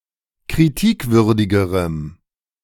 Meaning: strong dative masculine/neuter singular comparative degree of kritikwürdig
- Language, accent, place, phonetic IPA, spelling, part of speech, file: German, Germany, Berlin, [kʁiˈtiːkˌvʏʁdɪɡəʁəm], kritikwürdigerem, adjective, De-kritikwürdigerem.ogg